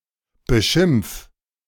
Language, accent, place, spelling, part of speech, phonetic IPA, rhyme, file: German, Germany, Berlin, beschimpf, verb, [bəˈʃɪmp͡f], -ɪmp͡f, De-beschimpf.ogg
- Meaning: 1. singular imperative of beschimpfen 2. first-person singular present of beschimpfen